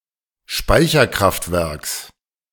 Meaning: genitive singular of Speicherkraftwerk
- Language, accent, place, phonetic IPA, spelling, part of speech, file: German, Germany, Berlin, [ˈʃpaɪ̯çɐˌkʁaftvɛʁks], Speicherkraftwerks, noun, De-Speicherkraftwerks.ogg